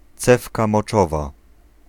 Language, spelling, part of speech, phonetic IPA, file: Polish, cewka moczowa, noun, [ˈt͡sɛfka mɔˈt͡ʃɔva], Pl-cewka moczowa.ogg